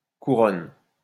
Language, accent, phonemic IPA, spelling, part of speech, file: French, France, /ku.ʁɔn/, Couronne, proper noun, LL-Q150 (fra)-Couronne.wav
- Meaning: the Crown